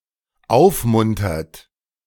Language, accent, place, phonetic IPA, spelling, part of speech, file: German, Germany, Berlin, [ˈaʊ̯fˌmʊntɐt], aufmuntert, verb, De-aufmuntert.ogg
- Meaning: inflection of aufmuntern: 1. third-person singular dependent present 2. second-person plural dependent present